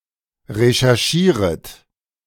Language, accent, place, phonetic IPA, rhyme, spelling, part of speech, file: German, Germany, Berlin, [ʁeʃɛʁˈʃiːʁət], -iːʁət, recherchieret, verb, De-recherchieret.ogg
- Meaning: second-person plural subjunctive I of recherchieren